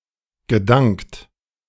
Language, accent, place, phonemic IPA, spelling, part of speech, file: German, Germany, Berlin, /ɡəˈdaŋkt/, gedankt, verb, De-gedankt.ogg
- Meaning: past participle of danken